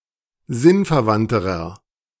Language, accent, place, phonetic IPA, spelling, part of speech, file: German, Germany, Berlin, [ˈzɪnfɛɐ̯ˌvantəʁɐ], sinnverwandterer, adjective, De-sinnverwandterer.ogg
- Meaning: inflection of sinnverwandt: 1. strong/mixed nominative masculine singular comparative degree 2. strong genitive/dative feminine singular comparative degree 3. strong genitive plural comparative degree